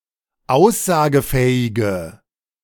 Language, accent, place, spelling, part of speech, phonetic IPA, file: German, Germany, Berlin, aussagefähige, adjective, [ˈaʊ̯szaːɡəˌfɛːɪɡə], De-aussagefähige.ogg
- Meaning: inflection of aussagefähig: 1. strong/mixed nominative/accusative feminine singular 2. strong nominative/accusative plural 3. weak nominative all-gender singular